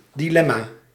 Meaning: dilemma (between two alternatives)
- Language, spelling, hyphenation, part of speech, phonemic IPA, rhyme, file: Dutch, dilemma, di‧lem‧ma, noun, /ˌdiˈlɛ.maː/, -ɛmaː, Nl-dilemma.ogg